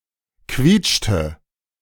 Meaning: inflection of quietschen: 1. first/third-person singular preterite 2. first/third-person singular subjunctive II
- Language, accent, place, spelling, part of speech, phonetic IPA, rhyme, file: German, Germany, Berlin, quietschte, verb, [ˈkviːt͡ʃtə], -iːt͡ʃtə, De-quietschte.ogg